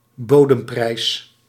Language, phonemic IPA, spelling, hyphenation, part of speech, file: Dutch, /ˈboː.dəmˌprɛi̯s/, bodemprijs, bo‧dem‧prijs, noun, Nl-bodemprijs.ogg
- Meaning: 1. price floor 2. a very low price